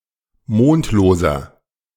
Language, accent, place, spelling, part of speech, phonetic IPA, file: German, Germany, Berlin, mondloser, adjective, [ˈmoːntloːzɐ], De-mondloser.ogg
- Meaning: inflection of mondlos: 1. strong/mixed nominative masculine singular 2. strong genitive/dative feminine singular 3. strong genitive plural